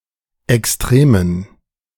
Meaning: inflection of extrem: 1. strong genitive masculine/neuter singular 2. weak/mixed genitive/dative all-gender singular 3. strong/weak/mixed accusative masculine singular 4. strong dative plural
- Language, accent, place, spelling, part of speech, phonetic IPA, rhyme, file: German, Germany, Berlin, extremen, adjective, [ɛksˈtʁeːmən], -eːmən, De-extremen.ogg